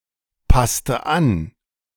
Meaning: inflection of anpassen: 1. first/third-person singular preterite 2. first/third-person singular subjunctive II
- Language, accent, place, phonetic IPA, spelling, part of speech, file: German, Germany, Berlin, [ˌpastə ˈan], passte an, verb, De-passte an.ogg